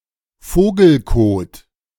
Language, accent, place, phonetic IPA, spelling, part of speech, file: German, Germany, Berlin, [ˈfoːɡl̩ˌkoːt], Vogelkot, noun, De-Vogelkot.ogg
- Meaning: bird droppings; guano